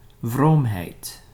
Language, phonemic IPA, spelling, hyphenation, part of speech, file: Dutch, /ˈvroːm.ɦɛi̯t/, vroomheid, vroom‧heid, noun, Nl-vroomheid.ogg
- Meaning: piety